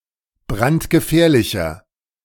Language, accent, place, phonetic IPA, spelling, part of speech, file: German, Germany, Berlin, [ˈbʁantɡəˌfɛːɐ̯lɪçɐ], brandgefährlicher, adjective, De-brandgefährlicher.ogg
- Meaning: 1. comparative degree of brandgefährlich 2. inflection of brandgefährlich: strong/mixed nominative masculine singular 3. inflection of brandgefährlich: strong genitive/dative feminine singular